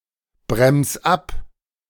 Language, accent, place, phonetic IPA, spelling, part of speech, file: German, Germany, Berlin, [ˌbʁɛms ˈap], brems ab, verb, De-brems ab.ogg
- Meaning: 1. singular imperative of abbremsen 2. first-person singular present of abbremsen